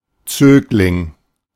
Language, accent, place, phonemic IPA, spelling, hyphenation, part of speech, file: German, Germany, Berlin, /ˈt͡søːklɪŋ/, Zögling, Zög‧ling, noun, De-Zögling.ogg
- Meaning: 1. pupil 2. a child being raised or cared for, a ward